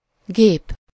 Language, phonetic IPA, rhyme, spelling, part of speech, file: Hungarian, [ˈɡeːp], -eːp, gép, noun, Hu-gép.ogg
- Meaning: 1. machine (device that directs and controls energy to produce a certain effect) 2. any of various specific types of machines understood from context, especially: computer